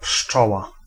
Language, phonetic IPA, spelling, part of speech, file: Polish, [ˈpʃt͡ʃɔwa], pszczoła, noun, Pl-pszczoła.ogg